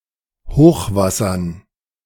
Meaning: dative plural of Hochwasser
- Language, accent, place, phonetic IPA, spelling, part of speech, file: German, Germany, Berlin, [ˈhoːxvasɐn], Hochwassern, noun, De-Hochwassern.ogg